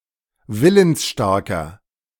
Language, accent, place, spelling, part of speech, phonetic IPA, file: German, Germany, Berlin, willensstarker, adjective, [ˈvɪlənsˌʃtaʁkɐ], De-willensstarker.ogg
- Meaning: 1. comparative degree of willensstark 2. inflection of willensstark: strong/mixed nominative masculine singular 3. inflection of willensstark: strong genitive/dative feminine singular